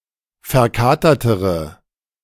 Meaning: inflection of verkatert: 1. strong/mixed nominative/accusative feminine singular comparative degree 2. strong nominative/accusative plural comparative degree
- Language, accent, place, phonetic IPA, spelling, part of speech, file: German, Germany, Berlin, [fɛɐ̯ˈkaːtɐtəʁə], verkatertere, adjective, De-verkatertere.ogg